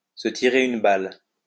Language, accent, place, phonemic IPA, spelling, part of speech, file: French, France, Lyon, /s(ə) ti.ʁe y.n(ə) bal/, se tirer une balle, verb, LL-Q150 (fra)-se tirer une balle.wav
- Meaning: to shoot oneself, to blow one's brains out